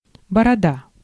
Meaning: 1. beard 2. chin
- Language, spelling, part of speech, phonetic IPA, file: Russian, борода, noun, [bərɐˈda], Ru-борода.ogg